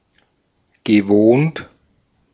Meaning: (adjective) 1. usual, customary, familiar 2. used to, wont, familiar; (verb) past participle of wohnen
- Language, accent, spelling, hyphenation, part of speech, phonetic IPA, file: German, Austria, gewohnt, ge‧wohnt, adjective / verb, [ɡəˈvoːnt], De-at-gewohnt.ogg